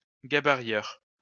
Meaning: worker who cuts and especially who draws the templates
- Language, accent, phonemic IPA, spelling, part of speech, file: French, France, /ɡa.ba.ʁjœʁ/, gabarieur, noun, LL-Q150 (fra)-gabarieur.wav